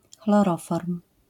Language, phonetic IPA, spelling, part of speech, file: Polish, [xlɔˈrɔfɔrm], chloroform, noun, LL-Q809 (pol)-chloroform.wav